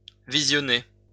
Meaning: to view
- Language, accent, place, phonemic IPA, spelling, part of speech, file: French, France, Lyon, /vi.zjɔ.ne/, visionner, verb, LL-Q150 (fra)-visionner.wav